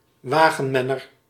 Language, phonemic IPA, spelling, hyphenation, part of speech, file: Dutch, /ˈwaɣə(n)ˌmɛnər/, wagenmenner, wa‧gen‧men‧ner, noun, Nl-wagenmenner.ogg
- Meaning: charioteer